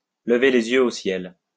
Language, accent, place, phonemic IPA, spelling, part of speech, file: French, France, Lyon, /lə.ve le.z‿jø o sjɛl/, lever les yeux au ciel, verb, LL-Q150 (fra)-lever les yeux au ciel.wav
- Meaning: to roll one's eyes